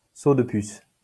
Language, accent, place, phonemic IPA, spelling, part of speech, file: French, France, Lyon, /so d(ə) pys/, saut de puce, noun, LL-Q150 (fra)-saut de puce.wav
- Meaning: hop; skip